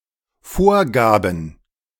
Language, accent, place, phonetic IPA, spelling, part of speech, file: German, Germany, Berlin, [ˈfoːɐ̯ˌɡaːbn̩], Vorgaben, noun, De-Vorgaben.ogg
- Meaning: plural of Vorgabe